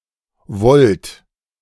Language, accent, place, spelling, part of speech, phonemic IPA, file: German, Germany, Berlin, Volt, noun, /vɔlt/, De-Volt.ogg
- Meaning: volt (unit of measure)